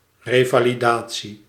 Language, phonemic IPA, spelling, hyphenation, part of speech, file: Dutch, /ˌreː.vaː.liˈdaː.(t)si/, revalidatie, re‧va‧li‧da‧tie, noun, Nl-revalidatie.ogg
- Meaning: rehabilitation, recovery